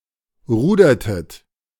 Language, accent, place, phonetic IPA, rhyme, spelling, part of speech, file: German, Germany, Berlin, [ˈʁuːdɐtət], -uːdɐtət, rudertet, verb, De-rudertet.ogg
- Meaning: inflection of rudern: 1. second-person plural preterite 2. second-person plural subjunctive II